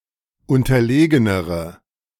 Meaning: inflection of unterlegen: 1. strong/mixed nominative/accusative feminine singular comparative degree 2. strong nominative/accusative plural comparative degree
- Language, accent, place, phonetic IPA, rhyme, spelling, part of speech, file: German, Germany, Berlin, [ˌʊntɐˈleːɡənəʁə], -eːɡənəʁə, unterlegenere, adjective, De-unterlegenere.ogg